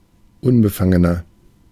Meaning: 1. comparative degree of unbefangen 2. inflection of unbefangen: strong/mixed nominative masculine singular 3. inflection of unbefangen: strong genitive/dative feminine singular
- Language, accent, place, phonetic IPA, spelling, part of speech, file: German, Germany, Berlin, [ˈʊnbəˌfaŋənɐ], unbefangener, adjective, De-unbefangener.ogg